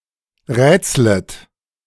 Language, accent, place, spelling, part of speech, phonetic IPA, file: German, Germany, Berlin, rätslet, verb, [ˈʁɛːt͡slət], De-rätslet.ogg
- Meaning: second-person plural subjunctive I of rätseln